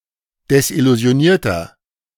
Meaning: inflection of desillusioniert: 1. strong/mixed nominative masculine singular 2. strong genitive/dative feminine singular 3. strong genitive plural
- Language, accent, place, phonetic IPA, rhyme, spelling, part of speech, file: German, Germany, Berlin, [dɛsʔɪluzi̯oˈniːɐ̯tɐ], -iːɐ̯tɐ, desillusionierter, adjective, De-desillusionierter.ogg